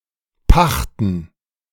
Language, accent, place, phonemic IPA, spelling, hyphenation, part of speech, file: German, Germany, Berlin, /ˈpaxtən/, pachten, pach‧ten, verb, De-pachten.ogg
- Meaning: to lease